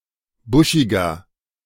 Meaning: 1. comparative degree of buschig 2. inflection of buschig: strong/mixed nominative masculine singular 3. inflection of buschig: strong genitive/dative feminine singular
- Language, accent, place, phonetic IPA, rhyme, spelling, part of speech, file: German, Germany, Berlin, [ˈbʊʃɪɡɐ], -ʊʃɪɡɐ, buschiger, adjective, De-buschiger.ogg